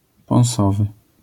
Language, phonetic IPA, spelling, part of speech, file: Polish, [pɔ̃w̃ˈsɔvɨ], pąsowy, adjective, LL-Q809 (pol)-pąsowy.wav